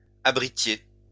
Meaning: inflection of abriter: 1. second-person plural imperfect indicative 2. second-person plural present subjunctive
- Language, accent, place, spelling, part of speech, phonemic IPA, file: French, France, Lyon, abritiez, verb, /a.bʁi.tje/, LL-Q150 (fra)-abritiez.wav